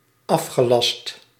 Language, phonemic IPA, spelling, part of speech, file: Dutch, /ˈɑfxəˌlɑst/, afgelast, verb, Nl-afgelast.ogg
- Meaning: 1. first/second/third-person singular dependent-clause present indicative of afgelasten 2. past participle of afgelasten 3. past participle of aflassen